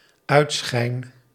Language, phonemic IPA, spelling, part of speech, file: Dutch, /ˈœytsxɛin/, uitschijn, verb, Nl-uitschijn.ogg
- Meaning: first-person singular dependent-clause present indicative of uitschijnen